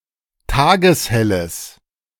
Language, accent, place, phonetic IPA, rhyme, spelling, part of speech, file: German, Germany, Berlin, [ˈtaːɡəsˈhɛləs], -ɛləs, tageshelles, adjective, De-tageshelles.ogg
- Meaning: strong/mixed nominative/accusative neuter singular of tageshell